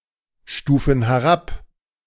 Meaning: inflection of herabstufen: 1. first/third-person plural present 2. first/third-person plural subjunctive I
- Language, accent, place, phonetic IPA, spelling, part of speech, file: German, Germany, Berlin, [ˌʃtuːfn̩ hɛˈʁap], stufen herab, verb, De-stufen herab.ogg